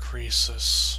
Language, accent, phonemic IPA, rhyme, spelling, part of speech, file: English, US, /ˈkɹiːsəs/, -iːsəs, Croesus, proper noun / noun, Croesus US.ogg
- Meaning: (proper noun) A male given name from Ancient Greek, of historical usage, notably borne by